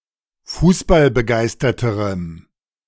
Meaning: strong dative masculine/neuter singular comparative degree of fußballbegeistert
- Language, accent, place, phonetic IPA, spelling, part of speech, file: German, Germany, Berlin, [ˈfuːsbalbəˌɡaɪ̯stɐtəʁəm], fußballbegeisterterem, adjective, De-fußballbegeisterterem.ogg